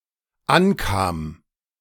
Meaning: first/third-person singular dependent preterite of ankommen
- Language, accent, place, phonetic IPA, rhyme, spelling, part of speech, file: German, Germany, Berlin, [ˈanˌkaːm], -ankaːm, ankam, verb, De-ankam.ogg